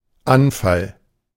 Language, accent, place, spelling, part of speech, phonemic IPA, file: German, Germany, Berlin, Anfall, noun, /ˈanfal/, De-Anfall.ogg
- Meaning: 1. swift attack (military or criminal) 2. fit; seizure; attack (medical or emotional)